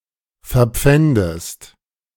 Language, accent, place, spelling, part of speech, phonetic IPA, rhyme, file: German, Germany, Berlin, verpfändest, verb, [fɛɐ̯ˈp͡fɛndəst], -ɛndəst, De-verpfändest.ogg
- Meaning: inflection of verpfänden: 1. second-person singular present 2. second-person singular subjunctive I